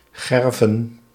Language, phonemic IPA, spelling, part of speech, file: Dutch, /ˈɣɛrvə(n)/, gerven, verb, Nl-gerven.ogg
- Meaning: to tan (leather), to prepare